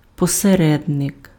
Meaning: 1. intermediary, middleman 2. mediator, go-between, intercessor
- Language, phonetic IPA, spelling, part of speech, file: Ukrainian, [pɔseˈrɛdnek], посередник, noun, Uk-посередник.ogg